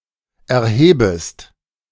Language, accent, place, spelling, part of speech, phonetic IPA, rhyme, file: German, Germany, Berlin, erhebest, verb, [ɛɐ̯ˈheːbəst], -eːbəst, De-erhebest.ogg
- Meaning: second-person singular subjunctive I of erheben